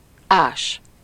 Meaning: to dig
- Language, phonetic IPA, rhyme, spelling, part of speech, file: Hungarian, [ˈaːʃ], -aːʃ, ás, verb, Hu-ás.ogg